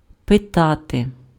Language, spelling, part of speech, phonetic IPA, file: Ukrainian, питати, verb, [peˈtate], Uk-питати.ogg
- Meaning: to ask